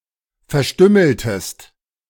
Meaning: inflection of verstümmeln: 1. second-person singular preterite 2. second-person singular subjunctive II
- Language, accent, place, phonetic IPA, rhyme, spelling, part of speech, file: German, Germany, Berlin, [fɛɐ̯ˈʃtʏml̩təst], -ʏml̩təst, verstümmeltest, verb, De-verstümmeltest.ogg